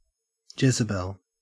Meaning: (proper noun) The Phoenician princess and Queen of Ancient Israel who appears in the Old Testament (1 Kings & 2 Kings), and who incited heresy and lured the Jews away from their God and back to idols
- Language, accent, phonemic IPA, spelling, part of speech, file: English, Australia, /ˈd͡ʒɛzəˌbɛl/, Jezebel, proper noun / noun, En-au-Jezebel.ogg